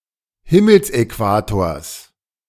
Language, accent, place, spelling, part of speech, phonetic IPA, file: German, Germany, Berlin, Himmelsäquators, noun, [ˈhɪml̩sʔɛˌkvaːtoːɐ̯s], De-Himmelsäquators.ogg
- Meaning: genitive singular of Himmelsäquator